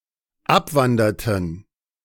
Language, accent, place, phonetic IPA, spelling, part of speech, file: German, Germany, Berlin, [ˈapˌvandɐtn̩], abwanderten, verb, De-abwanderten.ogg
- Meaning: inflection of abwandern: 1. first/third-person plural dependent preterite 2. first/third-person plural dependent subjunctive II